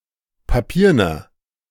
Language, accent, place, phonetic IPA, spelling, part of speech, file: German, Germany, Berlin, [paˈpiːɐ̯nɐ], papierner, adjective, De-papierner.ogg
- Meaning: inflection of papieren: 1. strong/mixed nominative masculine singular 2. strong genitive/dative feminine singular 3. strong genitive plural